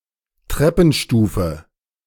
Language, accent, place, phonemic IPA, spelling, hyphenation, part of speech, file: German, Germany, Berlin, /ˈtʁɛpənˌʃtuːfə/, Treppenstufe, Trep‧pen‧stu‧fe, noun, De-Treppenstufe.ogg
- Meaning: step